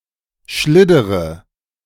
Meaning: inflection of schliddern: 1. first-person singular present 2. first-person plural subjunctive I 3. third-person singular subjunctive I 4. singular imperative
- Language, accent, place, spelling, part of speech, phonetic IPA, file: German, Germany, Berlin, schliddere, verb, [ˈʃlɪdəʁə], De-schliddere.ogg